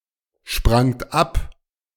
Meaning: second-person plural preterite of abspringen
- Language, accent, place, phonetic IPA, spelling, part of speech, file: German, Germany, Berlin, [ˌʃpʁaŋt ˈap], sprangt ab, verb, De-sprangt ab.ogg